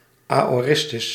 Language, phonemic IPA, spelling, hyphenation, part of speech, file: Dutch, /ˌaː.oːˈrɪs.tʏs/, aoristus, ao‧ris‧tus, noun, Nl-aoristus.ogg
- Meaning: aorist